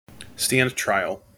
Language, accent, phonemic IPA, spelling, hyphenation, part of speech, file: English, General American, /ˌstænd ˈtɹaɪ(ə)l/, stand trial, stand tri‧al, verb, En-us-stand trial.mp3
- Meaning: 1. To be put on trial in a court of law; go on trial 2. To sustain the trial or examination of a cause; not to give up without trial